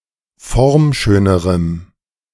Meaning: strong dative masculine/neuter singular comparative degree of formschön
- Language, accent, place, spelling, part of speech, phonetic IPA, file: German, Germany, Berlin, formschönerem, adjective, [ˈfɔʁmˌʃøːnəʁəm], De-formschönerem.ogg